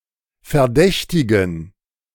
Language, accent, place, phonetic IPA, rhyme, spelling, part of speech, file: German, Germany, Berlin, [fɛɐ̯ˈdɛçtɪɡn̩], -ɛçtɪɡn̩, Verdächtigen, noun, De-Verdächtigen.ogg
- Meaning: 1. gerund of verdächtigen 2. genitive singular of Verdächtiger